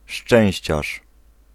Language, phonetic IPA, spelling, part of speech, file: Polish, [ˈʃt͡ʃɛ̃w̃ɕt͡ɕaʃ], szczęściarz, noun, Pl-szczęściarz.ogg